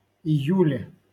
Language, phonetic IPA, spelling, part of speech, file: Russian, [ɪˈjʉlʲe], июле, noun, LL-Q7737 (rus)-июле.wav
- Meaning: prepositional singular of ию́ль (ijúlʹ)